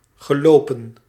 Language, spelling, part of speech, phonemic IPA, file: Dutch, gelopen, verb, /ˌɣəˈloː.pə(n)/, Nl-gelopen.ogg
- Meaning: 1. to walk 2. to run 3. past participle of lopen 4. past participle of gelopen